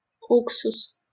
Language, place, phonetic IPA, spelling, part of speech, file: Russian, Saint Petersburg, [ˈuksʊs], уксус, noun, LL-Q7737 (rus)-уксус.wav
- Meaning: vinegar